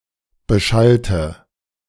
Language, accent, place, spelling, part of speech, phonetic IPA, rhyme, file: German, Germany, Berlin, beschallte, adjective / verb, [bəˈʃaltə], -altə, De-beschallte.ogg
- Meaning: inflection of beschallen: 1. first/third-person singular preterite 2. first/third-person singular subjunctive II